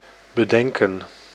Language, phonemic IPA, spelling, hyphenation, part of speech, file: Dutch, /bəˈdɛŋkə(n)/, bedenken, be‧den‧ken, verb, Nl-bedenken.ogg
- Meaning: 1. to bethink 2. to think of, to make up 3. to reconsider, to change one's mind